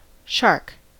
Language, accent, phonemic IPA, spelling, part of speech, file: English, US, /ʃɑɹk/, shark, noun / verb, En-us-shark.ogg
- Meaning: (noun) 1. Any predatory fish of the superorder Selachimorpha, with a cartilaginous skeleton and 5 to 7 gill slits on each side of its head 2. Meat of this animal, consumed as food